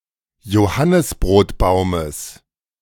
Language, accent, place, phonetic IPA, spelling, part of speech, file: German, Germany, Berlin, [joˈhanɪsbʁoːtˌbaʊ̯məs], Johannisbrotbaumes, noun, De-Johannisbrotbaumes.ogg
- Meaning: genitive singular of Johannisbrotbaum